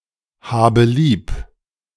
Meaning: inflection of lieb haben: 1. first-person singular present 2. first/third-person singular subjunctive I 3. singular imperative
- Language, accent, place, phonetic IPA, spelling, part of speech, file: German, Germany, Berlin, [ˌhaːbə ˈliːp], habe lieb, verb, De-habe lieb.ogg